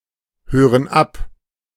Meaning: inflection of abhören: 1. first/third-person plural present 2. first/third-person plural subjunctive I
- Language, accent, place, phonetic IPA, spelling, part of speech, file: German, Germany, Berlin, [ˌhøːʁən ˈap], hören ab, verb, De-hören ab.ogg